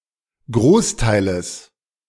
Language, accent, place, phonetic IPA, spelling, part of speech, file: German, Germany, Berlin, [ˈɡʁoːsˌtaɪ̯ləs], Großteiles, noun, De-Großteiles.ogg
- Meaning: genitive singular of Großteil